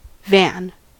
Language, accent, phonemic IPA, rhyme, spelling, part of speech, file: English, US, /væn/, -æn, van, noun / verb, En-us-van.ogg